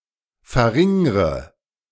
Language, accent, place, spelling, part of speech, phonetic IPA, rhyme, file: German, Germany, Berlin, verringre, verb, [fɛɐ̯ˈʁɪŋʁə], -ɪŋʁə, De-verringre.ogg
- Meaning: inflection of verringern: 1. first-person singular present 2. first/third-person singular subjunctive I 3. singular imperative